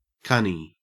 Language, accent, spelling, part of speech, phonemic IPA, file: English, Australia, cunny, noun / adjective, /ˈkʌ.ni/, En-au-cunny.ogg
- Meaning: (noun) 1. Obsolete form of cony (“rabbit”) 2. A cunt; a vulva